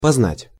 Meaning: 1. to cognize 2. to get to know, to learn 3. to experience, to get to know
- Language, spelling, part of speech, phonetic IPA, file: Russian, познать, verb, [pɐzˈnatʲ], Ru-познать.ogg